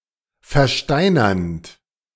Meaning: present participle of versteinern
- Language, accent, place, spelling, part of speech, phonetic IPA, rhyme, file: German, Germany, Berlin, versteinernd, verb, [fɛɐ̯ˈʃtaɪ̯nɐnt], -aɪ̯nɐnt, De-versteinernd.ogg